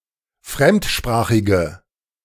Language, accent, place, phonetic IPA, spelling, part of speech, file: German, Germany, Berlin, [ˈfʁɛmtˌʃpʁaːxɪɡə], fremdsprachige, adjective, De-fremdsprachige.ogg
- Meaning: inflection of fremdsprachig: 1. strong/mixed nominative/accusative feminine singular 2. strong nominative/accusative plural 3. weak nominative all-gender singular